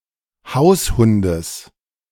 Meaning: genitive singular of Haushund
- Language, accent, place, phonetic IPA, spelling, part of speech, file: German, Germany, Berlin, [ˈhaʊ̯sˌhʊndəs], Haushundes, noun, De-Haushundes.ogg